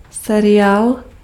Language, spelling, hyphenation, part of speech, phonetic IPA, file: Czech, seriál, se‧riál, noun, [ˈsɛrɪjaːl], Cs-seriál.ogg
- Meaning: series (television or radio program)